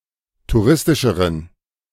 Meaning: inflection of touristisch: 1. strong genitive masculine/neuter singular comparative degree 2. weak/mixed genitive/dative all-gender singular comparative degree
- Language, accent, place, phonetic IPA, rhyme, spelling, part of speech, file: German, Germany, Berlin, [tuˈʁɪstɪʃəʁən], -ɪstɪʃəʁən, touristischeren, adjective, De-touristischeren.ogg